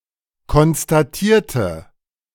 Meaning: inflection of konstatieren: 1. first/third-person singular preterite 2. first/third-person singular subjunctive II
- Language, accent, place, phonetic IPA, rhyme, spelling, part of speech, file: German, Germany, Berlin, [kɔnstaˈtiːɐ̯tə], -iːɐ̯tə, konstatierte, adjective / verb, De-konstatierte.ogg